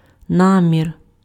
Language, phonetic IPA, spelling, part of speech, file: Ukrainian, [ˈnamʲir], намір, noun, Uk-намір.ogg
- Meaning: intention, intent